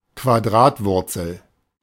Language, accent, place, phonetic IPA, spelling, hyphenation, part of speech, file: German, Germany, Berlin, [kvaˈdʁaːtˌvʊʁt͡sl̩], Quadratwurzel, Qua‧d‧rat‧wur‧zel, noun, De-Quadratwurzel.ogg
- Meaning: square root